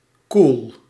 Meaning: cool, fashionable
- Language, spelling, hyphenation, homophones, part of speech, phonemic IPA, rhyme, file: Dutch, cool, cool, koel, adjective, /kul/, -ul, Nl-cool.ogg